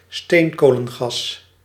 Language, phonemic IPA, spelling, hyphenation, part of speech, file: Dutch, /ˈsteːn.koː.lə(n)ˌɣɑs/, steenkolengas, steen‧ko‧len‧gas, noun, Nl-steenkolengas.ogg
- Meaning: coal gas